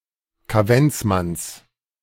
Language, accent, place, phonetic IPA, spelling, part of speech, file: German, Germany, Berlin, [kaˈvɛnt͡sˌmans], Kaventsmanns, noun, De-Kaventsmanns.ogg
- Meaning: genitive singular of Kaventsmann